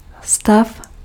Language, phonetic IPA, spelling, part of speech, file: Czech, [ˈstaf], stav, noun / verb, Cs-stav.ogg
- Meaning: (noun) 1. stance 2. state (condition) 3. state 4. loom (frame); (verb) 1. second-person singular imperative of stavět 2. second-person singular imperative of stavit